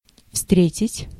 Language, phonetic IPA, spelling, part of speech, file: Russian, [ˈfstrʲetʲɪtʲ], встретить, verb, Ru-встретить.ogg
- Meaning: 1. to meet, to encounter, to come across 2. to meet, to receive, to welcome